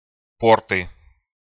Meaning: nominative/accusative plural of порт (port)
- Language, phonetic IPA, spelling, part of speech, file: Russian, [ˈportɨ], порты, noun, Ru-по́рты.ogg